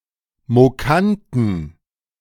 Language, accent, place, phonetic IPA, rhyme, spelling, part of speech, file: German, Germany, Berlin, [moˈkantn̩], -antn̩, mokanten, adjective, De-mokanten.ogg
- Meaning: inflection of mokant: 1. strong genitive masculine/neuter singular 2. weak/mixed genitive/dative all-gender singular 3. strong/weak/mixed accusative masculine singular 4. strong dative plural